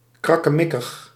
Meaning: rickety, fragile
- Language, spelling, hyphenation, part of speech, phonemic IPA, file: Dutch, krakkemikkig, krak‧ke‧mik‧kig, adjective, /ˌkrɑ.kəˈmɪ.kəx/, Nl-krakkemikkig.ogg